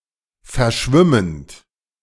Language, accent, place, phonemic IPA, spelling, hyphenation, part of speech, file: German, Germany, Berlin, /fɛɐ̯ˈʃvɪmənt/, verschwimmend, ver‧schwim‧mend, verb, De-verschwimmend.ogg
- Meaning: present participle of verschwimmen